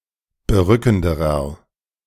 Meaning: inflection of berückend: 1. strong/mixed nominative masculine singular comparative degree 2. strong genitive/dative feminine singular comparative degree 3. strong genitive plural comparative degree
- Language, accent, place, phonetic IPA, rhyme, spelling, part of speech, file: German, Germany, Berlin, [bəˈʁʏkn̩dəʁɐ], -ʏkn̩dəʁɐ, berückenderer, adjective, De-berückenderer.ogg